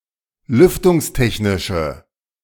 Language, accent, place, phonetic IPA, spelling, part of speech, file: German, Germany, Berlin, [ˈlʏftʊŋsˌtɛçnɪʃə], lüftungstechnische, adjective, De-lüftungstechnische.ogg
- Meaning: inflection of lüftungstechnisch: 1. strong/mixed nominative/accusative feminine singular 2. strong nominative/accusative plural 3. weak nominative all-gender singular